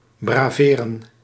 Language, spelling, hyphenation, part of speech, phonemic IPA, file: Dutch, braveren, bra‧ve‧ren, verb, /ˌbraːˈveː.rə(n)/, Nl-braveren.ogg
- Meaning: 1. to taunt, to mock 2. to flaunt, to show off 3. to be brave